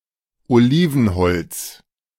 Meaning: olive wood
- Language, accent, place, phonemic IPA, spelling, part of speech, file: German, Germany, Berlin, /oˈliːvn̩ˌhɔlt͡s/, Olivenholz, noun, De-Olivenholz.ogg